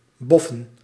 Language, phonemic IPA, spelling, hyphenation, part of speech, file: Dutch, /ˈbɔ.fə(n)/, boffen, bof‧fen, verb, Nl-boffen.ogg
- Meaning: to get lucky